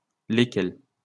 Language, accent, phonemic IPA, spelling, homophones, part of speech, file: French, France, /le.kɛl/, lesquels, lesquelles, pronoun, LL-Q150 (fra)-lesquels.wav
- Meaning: 1. masculine plural of lequel: (following a preposition) which, that, whom 2. which ones